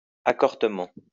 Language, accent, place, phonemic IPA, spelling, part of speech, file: French, France, Lyon, /a.kɔʁ.tə.mɑ̃/, accortement, adverb, LL-Q150 (fra)-accortement.wav
- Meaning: accordingly, accordantly